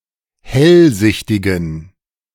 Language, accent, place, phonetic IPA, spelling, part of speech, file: German, Germany, Berlin, [ˈhɛlˌzɪçtɪɡn̩], hellsichtigen, adjective, De-hellsichtigen.ogg
- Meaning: inflection of hellsichtig: 1. strong genitive masculine/neuter singular 2. weak/mixed genitive/dative all-gender singular 3. strong/weak/mixed accusative masculine singular 4. strong dative plural